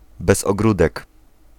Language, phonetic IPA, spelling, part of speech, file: Polish, [ˌbɛz‿ɔˈɡrudɛk], bez ogródek, adverbial phrase, Pl-bez ogródek.ogg